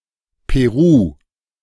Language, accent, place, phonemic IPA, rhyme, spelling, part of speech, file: German, Germany, Berlin, /peˈʁuː/, -uː, Peru, proper noun, De-Peru.ogg
- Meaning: Peru (a country in South America)